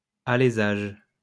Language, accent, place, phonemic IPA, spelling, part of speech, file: French, France, Lyon, /a.le.zaʒ/, alésage, noun, LL-Q150 (fra)-alésage.wav
- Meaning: reaming, boring